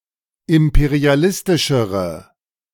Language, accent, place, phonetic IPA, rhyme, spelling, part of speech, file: German, Germany, Berlin, [ˌɪmpeʁiaˈlɪstɪʃəʁə], -ɪstɪʃəʁə, imperialistischere, adjective, De-imperialistischere.ogg
- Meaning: inflection of imperialistisch: 1. strong/mixed nominative/accusative feminine singular comparative degree 2. strong nominative/accusative plural comparative degree